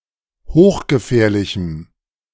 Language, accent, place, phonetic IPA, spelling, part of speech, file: German, Germany, Berlin, [ˈhoːxɡəˌfɛːɐ̯lɪçm̩], hochgefährlichem, adjective, De-hochgefährlichem.ogg
- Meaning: strong dative masculine/neuter singular of hochgefährlich